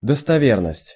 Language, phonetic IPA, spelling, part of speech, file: Russian, [dəstɐˈvʲernəsʲtʲ], достоверность, noun, Ru-достоверность.ogg
- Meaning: authenticity (the quality of being genuine or not corrupted from the original)